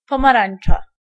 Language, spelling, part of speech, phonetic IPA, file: Polish, pomarańcza, noun, [ˌpɔ̃maˈrãj̃n͇t͡ʃa], Pl-pomarańcza.ogg